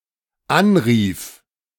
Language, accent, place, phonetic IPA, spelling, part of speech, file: German, Germany, Berlin, [ˈanˌʁiːf], anrief, verb, De-anrief.ogg
- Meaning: first/third-person singular dependent preterite of anrufen